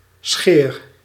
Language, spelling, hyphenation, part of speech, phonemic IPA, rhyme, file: Dutch, scheer, scheer, noun / verb, /sxeːr/, -eːr, Nl-scheer.ogg
- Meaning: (noun) skerry (small rocky island); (verb) inflection of scheren: 1. first-person singular present indicative 2. second-person singular present indicative 3. imperative